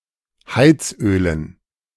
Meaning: dative plural of Heizöl
- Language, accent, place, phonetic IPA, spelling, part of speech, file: German, Germany, Berlin, [ˈhaɪ̯t͡sˌʔøːlən], Heizölen, noun, De-Heizölen.ogg